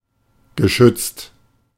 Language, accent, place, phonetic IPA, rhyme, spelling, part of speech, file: German, Germany, Berlin, [ɡəˈʃʏt͡st], -ʏt͡st, geschützt, adjective / verb, De-geschützt.ogg
- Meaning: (verb) past participle of schützen; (adjective) 1. protected, sheltered 2. immune